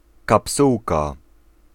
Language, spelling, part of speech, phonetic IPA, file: Polish, kapsułka, noun, [kapˈsuwka], Pl-kapsułka.ogg